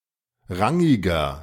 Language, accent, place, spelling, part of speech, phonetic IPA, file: German, Germany, Berlin, rangiger, adjective, [ˈʁaŋɪɡɐ], De-rangiger.ogg
- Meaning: 1. comparative degree of rangig 2. inflection of rangig: strong/mixed nominative masculine singular 3. inflection of rangig: strong genitive/dative feminine singular